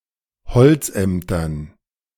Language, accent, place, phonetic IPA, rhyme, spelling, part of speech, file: German, Germany, Berlin, [bəˈt͡sɪçtɪɡət], -ɪçtɪɡət, bezichtiget, verb, De-bezichtiget.ogg
- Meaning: second-person plural subjunctive I of bezichtigen